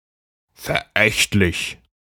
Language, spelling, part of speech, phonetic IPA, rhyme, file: German, verächtlich, adjective, [fɛɐ̯ˈʔɛçtlɪç], -ɛçtlɪç, De-verächtlich.ogg
- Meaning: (adjective) 1. disparaging, contemptuous, disdainful, scornful 2. despicable, detestable; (adverb) scornfully